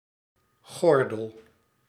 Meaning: 1. belt, a (typically leather) band worn around the waist 2. belt, roughly belt-shaped area 3. seat belt
- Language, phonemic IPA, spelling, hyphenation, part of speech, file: Dutch, /ˈɣɔr.dəl/, gordel, gor‧del, noun, Nl-gordel.ogg